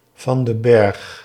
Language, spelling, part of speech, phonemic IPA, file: Dutch, van den Berg, proper noun, /vɑn dən ˈbɛrx/, Nl-van den Berg.ogg
- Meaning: a surname